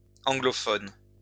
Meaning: plural of anglophone
- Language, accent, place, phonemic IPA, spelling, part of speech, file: French, France, Lyon, /ɑ̃.ɡlɔ.fɔn/, anglophones, adjective, LL-Q150 (fra)-anglophones.wav